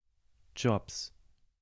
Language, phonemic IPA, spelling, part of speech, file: German, /dʒɔps/, Jobs, noun, De-Jobs.ogg
- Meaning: inflection of Job: 1. nominative/genitive/dative/accusative plural 2. genitive singular